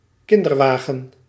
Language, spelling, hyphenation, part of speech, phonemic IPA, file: Dutch, kinderwagen, kin‧der‧wa‧gen, noun, /ˈkɪn.dərˌʋaː.ɣə(n)/, Nl-kinderwagen.ogg
- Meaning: baby carriage (US), pram (UK)